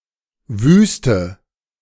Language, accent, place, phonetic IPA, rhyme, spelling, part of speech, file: German, Germany, Berlin, [ˈvyːstə], -yːstə, wüste, adjective / verb, De-wüste.ogg
- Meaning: inflection of wüst: 1. strong/mixed nominative/accusative feminine singular 2. strong nominative/accusative plural 3. weak nominative all-gender singular 4. weak accusative feminine/neuter singular